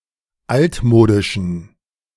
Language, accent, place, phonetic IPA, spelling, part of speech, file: German, Germany, Berlin, [ˈaltˌmoːdɪʃn̩], altmodischen, adjective, De-altmodischen.ogg
- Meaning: inflection of altmodisch: 1. strong genitive masculine/neuter singular 2. weak/mixed genitive/dative all-gender singular 3. strong/weak/mixed accusative masculine singular 4. strong dative plural